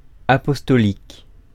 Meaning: apostolic
- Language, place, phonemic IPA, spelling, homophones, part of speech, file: French, Paris, /a.pɔs.tɔ.lik/, apostolique, apostoliques, adjective, Fr-apostolique.ogg